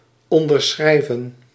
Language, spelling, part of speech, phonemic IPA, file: Dutch, onderschrijven, verb, /ɔndərˈsxrɛi̯və(n)/, Nl-onderschrijven.ogg
- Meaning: to affirm, to support (a point of view, argument, etc)